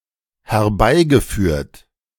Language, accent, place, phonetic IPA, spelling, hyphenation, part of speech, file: German, Germany, Berlin, [hɛɐ̯ˈbaɪ̯ɡəˌfyːɐ̯t], herbeigeführt, her‧bei‧ge‧führt, verb / adjective, De-herbeigeführt.ogg
- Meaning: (verb) past participle of herbeiführen; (adjective) induced, brought about